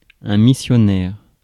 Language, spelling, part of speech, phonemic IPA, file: French, missionnaire, adjective / noun, /mi.sjɔ.nɛʁ/, Fr-missionnaire.ogg
- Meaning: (adjective) 1. mission 2. missionary's, of a missionary; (noun) 1. missionary 2. missionary (sex position)